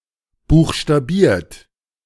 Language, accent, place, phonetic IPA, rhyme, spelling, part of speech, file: German, Germany, Berlin, [ˌbuːxʃtaˈbiːɐ̯t], -iːɐ̯t, buchstabiert, verb, De-buchstabiert.ogg
- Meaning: 1. past participle of buchstabieren 2. inflection of buchstabieren: second-person plural present 3. inflection of buchstabieren: third-person singular present